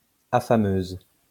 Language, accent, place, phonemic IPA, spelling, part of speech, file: French, France, Lyon, /a.fa.møz/, affameuse, noun, LL-Q150 (fra)-affameuse.wav
- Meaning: female equivalent of affameur